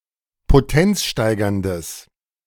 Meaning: strong/mixed nominative/accusative neuter singular of potenzsteigernd
- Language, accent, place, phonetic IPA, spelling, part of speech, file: German, Germany, Berlin, [poˈtɛnt͡sˌʃtaɪ̯ɡɐndəs], potenzsteigerndes, adjective, De-potenzsteigerndes.ogg